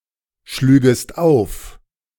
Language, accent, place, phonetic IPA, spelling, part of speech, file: German, Germany, Berlin, [ˌʃlyːɡəst ˈaʊ̯f], schlügest auf, verb, De-schlügest auf.ogg
- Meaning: second-person singular subjunctive II of aufschlagen